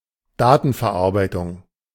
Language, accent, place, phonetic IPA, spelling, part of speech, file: German, Germany, Berlin, [ˈdaːtn̩fɛɐ̯ˌʔaʁbaɪ̯tʊŋ], Datenverarbeitung, noun, De-Datenverarbeitung.ogg
- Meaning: data processing